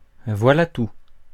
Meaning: that's all, there you have it
- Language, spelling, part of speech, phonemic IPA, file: French, voilà tout, interjection, /vwa.la tu/, Fr-voilà tout.ogg